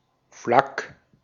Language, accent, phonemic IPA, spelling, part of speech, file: German, Austria, /flak/, Flak, noun, De-at-Flak.ogg
- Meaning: abbreviation of Flugabwehrkanone or Fliegerabwehrkanone